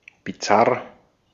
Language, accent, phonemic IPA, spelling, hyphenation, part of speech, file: German, Austria, /biˈtsar/, bizarr, bi‧zarr, adjective, De-at-bizarr.ogg
- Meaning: bizarre